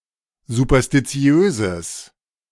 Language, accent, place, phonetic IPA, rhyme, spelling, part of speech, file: German, Germany, Berlin, [zupɐstiˈt͡si̯øːzəs], -øːzəs, superstitiöses, adjective, De-superstitiöses.ogg
- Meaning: strong/mixed nominative/accusative neuter singular of superstitiös